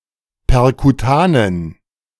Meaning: inflection of perkutan: 1. strong genitive masculine/neuter singular 2. weak/mixed genitive/dative all-gender singular 3. strong/weak/mixed accusative masculine singular 4. strong dative plural
- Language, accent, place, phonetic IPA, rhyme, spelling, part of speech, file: German, Germany, Berlin, [pɛʁkuˈtaːnən], -aːnən, perkutanen, adjective, De-perkutanen.ogg